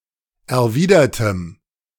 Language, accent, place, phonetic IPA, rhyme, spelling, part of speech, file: German, Germany, Berlin, [ɛɐ̯ˈviːdɐtəm], -iːdɐtəm, erwidertem, adjective, De-erwidertem.ogg
- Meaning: strong dative masculine/neuter singular of erwidert